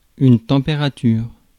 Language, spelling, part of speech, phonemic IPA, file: French, température, noun, /tɑ̃.pe.ʁa.tyʁ/, Fr-température.ogg
- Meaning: temperature